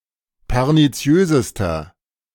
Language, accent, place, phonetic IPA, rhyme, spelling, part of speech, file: German, Germany, Berlin, [pɛʁniˈt͡si̯øːzəstɐ], -øːzəstɐ, perniziösester, adjective, De-perniziösester.ogg
- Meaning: inflection of perniziös: 1. strong/mixed nominative masculine singular superlative degree 2. strong genitive/dative feminine singular superlative degree 3. strong genitive plural superlative degree